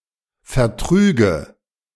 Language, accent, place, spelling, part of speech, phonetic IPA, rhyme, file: German, Germany, Berlin, vertrüge, verb, [fɛɐ̯ˈtʁyːɡə], -yːɡə, De-vertrüge.ogg
- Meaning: first/third-person singular subjunctive II of vertragen